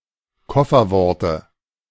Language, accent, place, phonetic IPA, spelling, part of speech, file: German, Germany, Berlin, [ˈkɔfɐˌvɔʁtə], Kofferworte, noun, De-Kofferworte.ogg
- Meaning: dative singular of Kofferwort